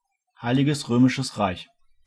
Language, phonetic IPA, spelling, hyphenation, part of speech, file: German, [ˈhaɪ̯lɪɡəs ˈʁøːmɪʃəs ˈʁaɪ̯ç], Heiliges Römisches Reich, Hei‧li‧ges Rö‧mi‧sches Reich, proper noun, De-Heiliges Römisches Reich.ogg
- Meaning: Holy Roman Empire (a former polity and medieval empire forming a loose conglomeration of largely independent mostly Germanic entities in Central Europe from at least 962 C.E. until 1806)